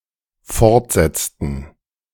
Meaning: inflection of fortsetzen: 1. first/third-person plural dependent preterite 2. first/third-person plural dependent subjunctive II
- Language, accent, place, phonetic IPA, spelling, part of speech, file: German, Germany, Berlin, [ˈfɔʁtˌzɛt͡stn̩], fortsetzten, verb, De-fortsetzten.ogg